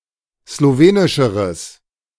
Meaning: strong/mixed nominative/accusative neuter singular comparative degree of slowenisch
- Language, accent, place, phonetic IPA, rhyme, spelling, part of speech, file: German, Germany, Berlin, [sloˈveːnɪʃəʁəs], -eːnɪʃəʁəs, slowenischeres, adjective, De-slowenischeres.ogg